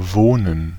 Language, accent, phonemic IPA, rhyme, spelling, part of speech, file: German, Germany, /ˈvoːnən/, -oːnən, wohnen, verb, De-wohnen.ogg
- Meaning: to live, reside, dwell (to remain or be settled permanently, or for a considerable time)